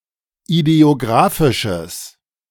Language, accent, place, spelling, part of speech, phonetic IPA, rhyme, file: German, Germany, Berlin, ideographisches, adjective, [ideoˈɡʁaːfɪʃəs], -aːfɪʃəs, De-ideographisches.ogg
- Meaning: strong/mixed nominative/accusative neuter singular of ideographisch